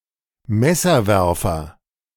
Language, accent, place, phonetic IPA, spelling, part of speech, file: German, Germany, Berlin, [ˈmɛsɐˌvɛʁfɐ], Messerwerfer, noun, De-Messerwerfer.ogg
- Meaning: knife thrower